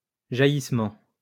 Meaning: spurt; gush
- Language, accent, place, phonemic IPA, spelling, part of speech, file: French, France, Lyon, /ʒa.jis.mɑ̃/, jaillissement, noun, LL-Q150 (fra)-jaillissement.wav